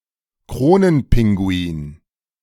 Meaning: erect-crested penguin
- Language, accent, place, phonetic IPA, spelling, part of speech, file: German, Germany, Berlin, [ˈkʁoːnənˌpɪŋɡuiːn], Kronenpinguin, noun, De-Kronenpinguin.ogg